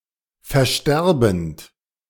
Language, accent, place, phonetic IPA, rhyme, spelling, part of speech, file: German, Germany, Berlin, [fɛɐ̯ˈʃtɛʁbn̩t], -ɛʁbn̩t, versterbend, verb, De-versterbend.ogg
- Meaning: present participle of versterben